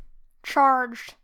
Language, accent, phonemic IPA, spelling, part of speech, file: English, US, /t͡ʃɑɹd͡ʒd/, charged, verb / adjective, En-us-charged.wav
- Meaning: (verb) simple past and past participle of charge; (adjective) 1. Arousing strong emotion 2. Showing or having strong emotion 3. Fraught with emotion; tense 4. Having electricity